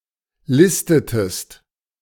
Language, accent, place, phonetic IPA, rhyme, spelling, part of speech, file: German, Germany, Berlin, [ˈlɪstətəst], -ɪstətəst, listetest, verb, De-listetest.ogg
- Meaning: inflection of listen: 1. second-person singular preterite 2. second-person singular subjunctive II